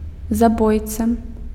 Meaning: killer, murderer
- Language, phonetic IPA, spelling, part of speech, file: Belarusian, [zaˈbojt͡sa], забойца, noun, Be-забойца.ogg